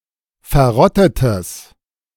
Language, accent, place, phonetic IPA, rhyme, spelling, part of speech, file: German, Germany, Berlin, [fɛɐ̯ˈʁɔtətəs], -ɔtətəs, verrottetes, adjective, De-verrottetes.ogg
- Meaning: strong/mixed nominative/accusative neuter singular of verrottet